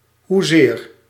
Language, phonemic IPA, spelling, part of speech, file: Dutch, /ˈhuzer/, hoezeer, adverb, Nl-hoezeer.ogg
- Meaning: how much (to what degree)